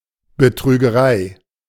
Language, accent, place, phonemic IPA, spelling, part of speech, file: German, Germany, Berlin, /bətʁyːɡəˈʁaɪ̯/, Betrügerei, noun, De-Betrügerei.ogg
- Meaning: cheating; swindling